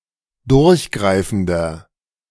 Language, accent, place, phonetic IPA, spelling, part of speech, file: German, Germany, Berlin, [ˈdʊʁçˌɡʁaɪ̯fn̩dɐ], durchgreifender, adjective, De-durchgreifender.ogg
- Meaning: 1. comparative degree of durchgreifend 2. inflection of durchgreifend: strong/mixed nominative masculine singular 3. inflection of durchgreifend: strong genitive/dative feminine singular